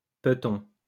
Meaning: foot
- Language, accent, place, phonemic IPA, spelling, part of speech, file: French, France, Lyon, /pə.tɔ̃/, peton, noun, LL-Q150 (fra)-peton.wav